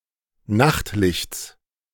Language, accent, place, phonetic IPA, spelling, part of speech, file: German, Germany, Berlin, [ˈnaxtˌlɪçt͡s], Nachtlichts, noun, De-Nachtlichts.ogg
- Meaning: genitive singular of Nachtlicht